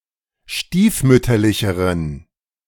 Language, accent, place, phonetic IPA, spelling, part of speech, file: German, Germany, Berlin, [ˈʃtiːfˌmʏtɐlɪçəʁən], stiefmütterlicheren, adjective, De-stiefmütterlicheren.ogg
- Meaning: inflection of stiefmütterlich: 1. strong genitive masculine/neuter singular comparative degree 2. weak/mixed genitive/dative all-gender singular comparative degree